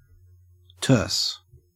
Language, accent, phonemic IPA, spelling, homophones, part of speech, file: English, Australia, /tɜːs/, terse, terce, adjective, En-au-terse.ogg
- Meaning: 1. Of speech or style: brief, concise, to the point 2. Of manner or speech: abruptly or brusquely short; curt 3. Burnished, polished; fine, smooth; neat, spruce